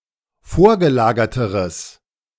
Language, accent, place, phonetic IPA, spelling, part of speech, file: German, Germany, Berlin, [ˈfoːɐ̯ɡəˌlaːɡɐtəʁəs], vorgelagerteres, adjective, De-vorgelagerteres.ogg
- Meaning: strong/mixed nominative/accusative neuter singular comparative degree of vorgelagert